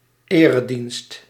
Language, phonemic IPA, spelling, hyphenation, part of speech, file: Dutch, /ˈeː.rəˌdinst/, eredienst, ere‧dienst, noun, Nl-eredienst.ogg
- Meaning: worship, service